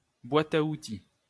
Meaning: alternative form of boite à outils
- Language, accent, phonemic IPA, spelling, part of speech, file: French, France, /bwa.t‿a u.ti/, boîte à outils, noun, LL-Q150 (fra)-boîte à outils.wav